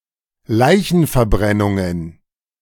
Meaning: plural of Leichenverbrennung
- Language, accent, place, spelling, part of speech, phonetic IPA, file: German, Germany, Berlin, Leichenverbrennungen, noun, [ˈlaɪ̯çn̩fɛɐ̯ˌbʁɛnʊŋən], De-Leichenverbrennungen.ogg